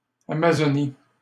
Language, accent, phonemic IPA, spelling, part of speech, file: French, Canada, /a.ma.zɔ.ni/, Amazonie, proper noun, LL-Q150 (fra)-Amazonie.wav
- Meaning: Amazon